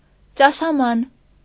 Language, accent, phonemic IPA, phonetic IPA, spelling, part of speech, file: Armenian, Eastern Armenian, /t͡ʃɑʃɑˈmɑn/, [t͡ʃɑʃɑmɑ́n], ճաշաման, noun, Hy-ճաշաման.ogg
- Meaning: soup bowl, soup plate